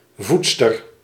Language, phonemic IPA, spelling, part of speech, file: Dutch, /ˈvutstər/, voedster, noun, Nl-voedster.ogg
- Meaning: 1. a nursemaid 2. a female rabbit; a doe